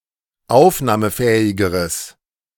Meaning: strong/mixed nominative/accusative neuter singular comparative degree of aufnahmefähig
- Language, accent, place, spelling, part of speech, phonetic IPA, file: German, Germany, Berlin, aufnahmefähigeres, adjective, [ˈaʊ̯fnaːməˌfɛːɪɡəʁəs], De-aufnahmefähigeres.ogg